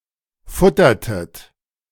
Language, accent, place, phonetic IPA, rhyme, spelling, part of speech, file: German, Germany, Berlin, [ˈfʊtɐtət], -ʊtɐtət, futtertet, verb, De-futtertet.ogg
- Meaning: inflection of futtern: 1. second-person plural preterite 2. second-person plural subjunctive II